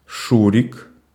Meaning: a diminutive, Shurik, of the male given names Алекса́ндр (Aleksándr) and Олекса́ндр (Oleksándr)
- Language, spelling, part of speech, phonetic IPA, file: Russian, Шурик, proper noun, [ˈʂurʲɪk], Ru-Шурик.ogg